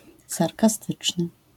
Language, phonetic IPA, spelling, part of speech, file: Polish, [ˌsarkaˈstɨt͡ʃnɨ], sarkastyczny, adjective, LL-Q809 (pol)-sarkastyczny.wav